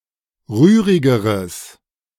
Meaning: strong/mixed nominative/accusative neuter singular comparative degree of rührig
- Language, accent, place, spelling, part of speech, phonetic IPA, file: German, Germany, Berlin, rührigeres, adjective, [ˈʁyːʁɪɡəʁəs], De-rührigeres.ogg